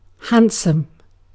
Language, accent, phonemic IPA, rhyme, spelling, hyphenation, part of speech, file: English, UK, /ˈhæn.səm/, -ænsəm, handsome, hand‧some, adjective / verb, En-uk-handsome.ogg
- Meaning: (adjective) Having a pleasing appearance, good-looking, attractive, particularly